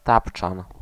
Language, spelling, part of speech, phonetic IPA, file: Polish, tapczan, noun, [ˈtapt͡ʃãn], Pl-tapczan.ogg